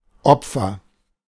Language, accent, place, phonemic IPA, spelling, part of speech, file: German, Germany, Berlin, /ˈɔpfər/, Opfer, noun, De-Opfer.ogg
- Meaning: 1. sacrifice 2. victim 3. loser, wimp (someone weak or dependent; one who cannot stand up for themselves)